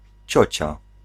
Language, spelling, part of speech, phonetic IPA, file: Polish, ciocia, noun, [ˈt͡ɕɔ̇t͡ɕa], Pl-ciocia.ogg